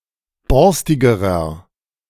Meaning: inflection of borstig: 1. strong/mixed nominative masculine singular comparative degree 2. strong genitive/dative feminine singular comparative degree 3. strong genitive plural comparative degree
- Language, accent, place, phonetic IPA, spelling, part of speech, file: German, Germany, Berlin, [ˈbɔʁstɪɡəʁɐ], borstigerer, adjective, De-borstigerer.ogg